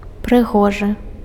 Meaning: beautiful, handsome
- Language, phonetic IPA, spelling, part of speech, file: Belarusian, [prɨˈɣoʐɨ], прыгожы, adjective, Be-прыгожы.ogg